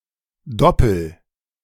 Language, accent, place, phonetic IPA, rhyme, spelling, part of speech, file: German, Germany, Berlin, [ˈdɔpl̩], -ɔpl̩, doppel, verb, De-doppel.ogg
- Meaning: inflection of doppeln: 1. first-person singular present 2. singular imperative